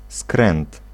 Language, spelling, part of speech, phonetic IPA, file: Polish, skręt, noun, [skrɛ̃nt], Pl-skręt.ogg